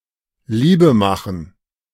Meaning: make love (to engage in sexual intercourse)
- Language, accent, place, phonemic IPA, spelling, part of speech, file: German, Germany, Berlin, /ˈliːbə‿ˌmaxŋ/, Liebe machen, verb, De-Liebe machen.ogg